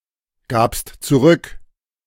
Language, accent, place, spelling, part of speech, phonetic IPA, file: German, Germany, Berlin, gabst zurück, verb, [ˌɡaːpst t͡suˈʁʏk], De-gabst zurück.ogg
- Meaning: second-person singular preterite of zurückgeben